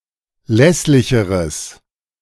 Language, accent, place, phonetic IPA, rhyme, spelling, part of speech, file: German, Germany, Berlin, [ˈlɛslɪçəʁəs], -ɛslɪçəʁəs, lässlicheres, adjective, De-lässlicheres.ogg
- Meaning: strong/mixed nominative/accusative neuter singular comparative degree of lässlich